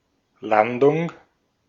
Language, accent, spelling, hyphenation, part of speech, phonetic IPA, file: German, Austria, Landung, Lan‧dung, noun, [ˈlandʊŋ], De-at-Landung.ogg
- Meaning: landing